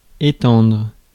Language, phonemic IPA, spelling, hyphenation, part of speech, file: French, /e.tɑ̃dʁ/, étendre, é‧tendre, verb, Fr-étendre.ogg
- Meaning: 1. to spread, to spread out, to lay out 2. to stretch (the limbs) 3. to hang out (washing) 4. to extend, to enlarge, expand 5. to expand upon; to discuss in greater detail 6. to dilute; to water down